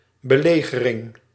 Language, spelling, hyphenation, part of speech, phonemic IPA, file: Dutch, belegering, be‧le‧ge‧ring, noun, /bəˈleː.ɣəˌrɪŋ/, Nl-belegering.ogg
- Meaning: siege, the act of besieging